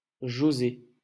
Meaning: a male given name
- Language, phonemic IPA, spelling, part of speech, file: French, /ʒo.ze/, José, proper noun, LL-Q150 (fra)-José.wav